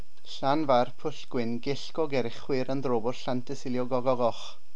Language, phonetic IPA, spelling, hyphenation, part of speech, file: Welsh, [ˌɬan.vai̯r.pʊɬˌɡwɪn.ɡɪɬ.ɡɔˌɡɛr.əˌχwɪrnˌdrɔ.bʊɬˌɬan.təˌsɪl.jɔˌɡɔ.ɡɔˈɡoːχ], Llanfairpwllgwyngyllgogerychwyrndrobwllllantysiliogogogoch, Llan‧fair‧pwll‧gwyn‧gyll‧go‧ger‧y‧chwyrn‧dro‧bwll‧llan‧ty‧si‧lio‧go‧go‧goch, proper noun, Cy-Llanfairpwllgwyngyllgogerychwyrndrobwllllantysiliogogogoch.ogg